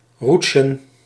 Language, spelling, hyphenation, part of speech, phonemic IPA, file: Dutch, roetsjen, roet‧sjen, verb, /ˈrutʃə(n)/, Nl-roetsjen.ogg
- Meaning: to rapidly glide or slide